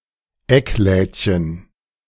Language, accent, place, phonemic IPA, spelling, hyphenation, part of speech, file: German, Germany, Berlin, /ˈɛkˌlɛːtçən/, Ecklädchen, Eck‧läd‧chen, noun, De-Ecklädchen.ogg
- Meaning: diminutive of Eckladen